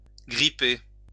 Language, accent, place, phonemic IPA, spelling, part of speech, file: French, France, Lyon, /ɡʁi.pe/, gripper, verb, LL-Q150 (fra)-gripper.wav
- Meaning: to grab, to grasp